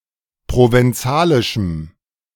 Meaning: strong dative masculine/neuter singular of provenzalisch
- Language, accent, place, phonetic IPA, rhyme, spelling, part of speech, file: German, Germany, Berlin, [ˌpʁovɛnˈt͡saːlɪʃm̩], -aːlɪʃm̩, provenzalischem, adjective, De-provenzalischem.ogg